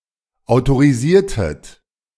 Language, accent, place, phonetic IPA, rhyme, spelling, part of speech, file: German, Germany, Berlin, [aʊ̯toʁiˈziːɐ̯tət], -iːɐ̯tət, autorisiertet, verb, De-autorisiertet.ogg
- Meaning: inflection of autorisieren: 1. second-person plural preterite 2. second-person plural subjunctive II